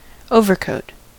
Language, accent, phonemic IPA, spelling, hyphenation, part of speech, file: English, US, /ˈoʊvɚkoʊt/, overcoat, over‧coat, noun / verb, En-us-overcoat.ogg
- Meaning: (noun) 1. A heavy garment worn over other clothes, for protection from cold or weather 2. An outer coat, an outer coating (of paint, etc); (verb) To apply an exterior coating to